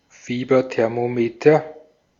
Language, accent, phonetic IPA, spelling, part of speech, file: German, Austria, [ˈfiːbɐtɛʁmoˌmeːtɐ], Fieberthermometer, noun, De-at-Fieberthermometer.ogg
- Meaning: medical thermometer